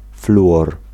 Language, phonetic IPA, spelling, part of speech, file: Polish, [ˈfluʷɔr], fluor, noun, Pl-fluor.ogg